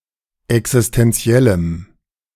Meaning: strong dative masculine/neuter singular of existentiell
- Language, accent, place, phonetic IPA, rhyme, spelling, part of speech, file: German, Germany, Berlin, [ɛksɪstɛnˈt͡si̯ɛləm], -ɛləm, existentiellem, adjective, De-existentiellem.ogg